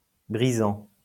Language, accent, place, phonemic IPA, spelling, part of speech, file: French, France, Lyon, /bʁi.zɑ̃/, brisant, verb / noun, LL-Q150 (fra)-brisant.wav
- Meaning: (verb) present participle of briser; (noun) 1. reef 2. breaker (wave)